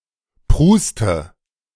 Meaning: inflection of prusten: 1. first-person singular present 2. first/third-person singular subjunctive I 3. singular imperative
- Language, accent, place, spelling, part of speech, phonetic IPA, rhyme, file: German, Germany, Berlin, pruste, verb, [ˈpʁuːstə], -uːstə, De-pruste.ogg